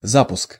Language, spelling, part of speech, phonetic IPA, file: Russian, запуск, noun, [ˈzapʊsk], Ru-запуск.ogg
- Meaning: 1. startup (act) 2. launch